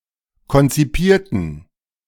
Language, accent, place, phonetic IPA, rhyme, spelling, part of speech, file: German, Germany, Berlin, [kɔnt͡siˈpiːɐ̯tn̩], -iːɐ̯tn̩, konzipierten, adjective / verb, De-konzipierten.ogg
- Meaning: inflection of konzipieren: 1. first/third-person plural preterite 2. first/third-person plural subjunctive II